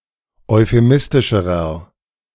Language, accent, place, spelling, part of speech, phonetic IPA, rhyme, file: German, Germany, Berlin, euphemistischerer, adjective, [ɔɪ̯feˈmɪstɪʃəʁɐ], -ɪstɪʃəʁɐ, De-euphemistischerer.ogg
- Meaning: inflection of euphemistisch: 1. strong/mixed nominative masculine singular comparative degree 2. strong genitive/dative feminine singular comparative degree